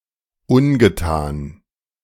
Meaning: undone, unfinished
- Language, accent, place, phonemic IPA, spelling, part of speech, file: German, Germany, Berlin, /ˈʊnɡəˌtaːn/, ungetan, adjective, De-ungetan.ogg